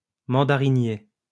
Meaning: mandarin orange (tree)
- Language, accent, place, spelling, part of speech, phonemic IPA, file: French, France, Lyon, mandarinier, noun, /mɑ̃.da.ʁi.nje/, LL-Q150 (fra)-mandarinier.wav